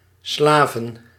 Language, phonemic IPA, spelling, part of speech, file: Dutch, /ˈslavə(n)/, slaven, verb / noun, Nl-slaven.ogg
- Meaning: plural of slaaf